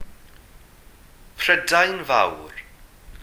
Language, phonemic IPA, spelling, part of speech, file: Welsh, /ˌprədai̯n ˈvau̯r/, Prydain Fawr, proper noun, Cy-prydain fawr.ogg
- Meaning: Great Britain (a large island (sometimes also including some of the surrounding smaller islands) off the north-west coast of Western Europe, made up of England, Scotland, and Wales)